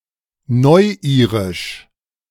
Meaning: New Irish, Modern Irish (language)
- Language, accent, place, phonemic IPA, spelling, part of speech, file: German, Germany, Berlin, /ˈnɔʏ̯ˌiːʁɪʃ/, Neuirisch, proper noun, De-Neuirisch.ogg